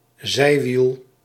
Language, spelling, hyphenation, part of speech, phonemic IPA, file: Dutch, zijwiel, zij‧wiel, noun, /ˈzɛi̯.ʋil/, Nl-zijwiel.ogg
- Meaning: 1. training wheel (small wheel fixed to both sides of the bicycles of small children) 2. side wheel